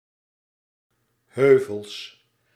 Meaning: plural of heuvel
- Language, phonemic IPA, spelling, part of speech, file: Dutch, /ˈhøvəls/, heuvels, noun, Nl-heuvels.ogg